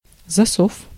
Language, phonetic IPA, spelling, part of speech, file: Russian, [zɐˈsof], засов, noun, Ru-засов.ogg
- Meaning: 1. crossbar, bolt (locking mechanism) 2. bar, bolt (locking mechanism)